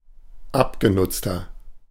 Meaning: 1. comparative degree of abgenutzt 2. inflection of abgenutzt: strong/mixed nominative masculine singular 3. inflection of abgenutzt: strong genitive/dative feminine singular
- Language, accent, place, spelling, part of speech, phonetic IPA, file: German, Germany, Berlin, abgenutzter, adjective, [ˈapɡeˌnʊt͡stɐ], De-abgenutzter.ogg